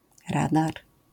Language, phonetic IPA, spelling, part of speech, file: Polish, [ˈradar], radar, noun, LL-Q809 (pol)-radar.wav